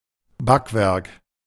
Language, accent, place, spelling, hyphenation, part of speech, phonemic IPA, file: German, Germany, Berlin, Backwerk, Back‧werk, noun, /ˈbakvɛʁk/, De-Backwerk.ogg
- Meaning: pastry